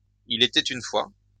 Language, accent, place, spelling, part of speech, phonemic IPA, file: French, France, Lyon, il était une fois, phrase, /i.l‿e.tɛ.t‿yn fwa/, LL-Q150 (fra)-il était une fois.wav
- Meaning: there was once…; once upon a time, there was… (traditional beginning of children’s stories, especially fairy tales)